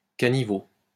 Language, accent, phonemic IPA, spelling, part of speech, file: French, France, /ka.ni.vo/, caniveau, noun, LL-Q150 (fra)-caniveau.wav
- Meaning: gutter